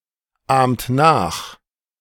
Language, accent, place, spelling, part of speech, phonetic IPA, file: German, Germany, Berlin, ahmt nach, verb, [ˌaːmt ˈnaːx], De-ahmt nach.ogg
- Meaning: inflection of nachahmen: 1. second-person plural present 2. third-person singular present 3. plural imperative